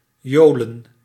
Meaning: to be gleeful, to revel
- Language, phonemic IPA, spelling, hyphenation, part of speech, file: Dutch, /ˈjoː.lə(n)/, jolen, jo‧len, verb, Nl-jolen.ogg